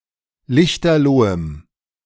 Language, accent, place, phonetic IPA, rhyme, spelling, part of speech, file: German, Germany, Berlin, [ˈlɪçtɐˈloːəm], -oːəm, lichterlohem, adjective, De-lichterlohem.ogg
- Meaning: strong dative masculine/neuter singular of lichterloh